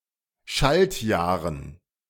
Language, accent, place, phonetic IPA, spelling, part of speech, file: German, Germany, Berlin, [ˈʃaltˌjaːʁən], Schaltjahren, noun, De-Schaltjahren.ogg
- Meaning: dative plural of Schaltjahr